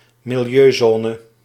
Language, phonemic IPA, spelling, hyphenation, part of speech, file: Dutch, /mɪlˈjøːˌzɔː.nə/, milieuzone, mi‧li‧eu‧zo‧ne, noun, Nl-milieuzone.ogg
- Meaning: low-emission zone